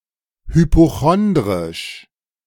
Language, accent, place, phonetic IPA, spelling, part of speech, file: German, Germany, Berlin, [hypoˈxɔndʁɪʃ], hypochondrisch, adjective, De-hypochondrisch.ogg
- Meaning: hypochondriac